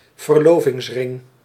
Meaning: engagement ring
- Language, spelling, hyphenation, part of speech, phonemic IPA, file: Dutch, verlovingsring, ver‧lo‧vings‧ring, noun, /vərˈloː.vɪŋsˌrɪŋ/, Nl-verlovingsring.ogg